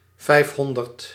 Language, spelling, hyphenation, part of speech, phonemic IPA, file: Dutch, vijfhonderd, vijf‧hon‧derd, numeral, /ˈvɛi̯fˌɦɔn.dərt/, Nl-vijfhonderd.ogg
- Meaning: five hundred